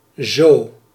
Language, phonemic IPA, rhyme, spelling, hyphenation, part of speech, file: Dutch, /zoː/, -oː, zo, zo, adverb / conjunction, Nl-zo.ogg
- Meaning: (adverb) 1. so, thus, like that/this 2. so, that, to such an extent 3. as .. as 4. right away, in a second/minute, very soon; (conjunction) if